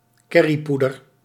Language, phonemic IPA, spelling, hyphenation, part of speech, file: Dutch, /ˈkɛ.riˌpu.dər/, kerriepoeder, ker‧rie‧poe‧der, noun, Nl-kerriepoeder.ogg
- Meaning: curry powder